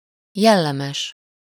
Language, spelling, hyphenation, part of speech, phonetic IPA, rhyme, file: Hungarian, jellemes, jel‧le‧mes, adjective, [ˈjɛlːɛmɛʃ], -ɛʃ, Hu-jellemes.ogg
- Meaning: of strong character, of high principles